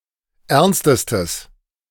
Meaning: strong/mixed nominative/accusative neuter singular superlative degree of ernst
- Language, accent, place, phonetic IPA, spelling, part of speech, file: German, Germany, Berlin, [ˈɛʁnstəstəs], ernstestes, adjective, De-ernstestes.ogg